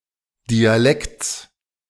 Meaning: genitive singular of Dialekt
- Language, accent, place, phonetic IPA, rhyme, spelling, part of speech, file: German, Germany, Berlin, [diaˈlɛkt͡s], -ɛkt͡s, Dialekts, noun, De-Dialekts.ogg